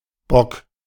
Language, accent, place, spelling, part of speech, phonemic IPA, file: German, Germany, Berlin, Bock, noun, /bɔk/, De-Bock.ogg
- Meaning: 1. buck, ram; the male of certain animals, especially goat, sheep, and roedeer 2. a stubborn person 3. a man who is lecherous or sexually active 4. a blunder, mistake